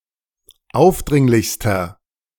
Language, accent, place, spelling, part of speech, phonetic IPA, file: German, Germany, Berlin, aufdringlichster, adjective, [ˈaʊ̯fˌdʁɪŋlɪçstɐ], De-aufdringlichster.ogg
- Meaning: inflection of aufdringlich: 1. strong/mixed nominative masculine singular superlative degree 2. strong genitive/dative feminine singular superlative degree 3. strong genitive plural superlative degree